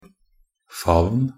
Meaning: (noun) an embrace; outstretched arms (grip formed in space between the chest and more or less outstretched arms)
- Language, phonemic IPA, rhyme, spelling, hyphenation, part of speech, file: Norwegian Bokmål, /faʋn/, -aʋn, favn, favn, noun / verb, Nb-favn.ogg